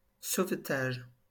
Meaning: 1. rescue (act of rescuing someone or something) 2. saving (act of saving) 3. save 4. salvage
- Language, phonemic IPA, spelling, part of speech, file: French, /sov.taʒ/, sauvetage, noun, LL-Q150 (fra)-sauvetage.wav